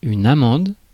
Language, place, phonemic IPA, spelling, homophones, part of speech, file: French, Paris, /a.mɑ̃d/, amande, amandes / amendes / amendent / amende, noun, Fr-amande.ogg
- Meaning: 1. almond (the nut) 2. Glycymeris spp